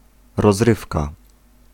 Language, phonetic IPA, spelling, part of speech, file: Polish, [rɔzˈrɨfka], rozrywka, noun, Pl-rozrywka.ogg